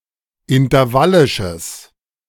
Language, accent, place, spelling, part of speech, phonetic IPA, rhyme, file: German, Germany, Berlin, intervallisches, adjective, [ɪntɐˈvalɪʃəs], -alɪʃəs, De-intervallisches.ogg
- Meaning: strong/mixed nominative/accusative neuter singular of intervallisch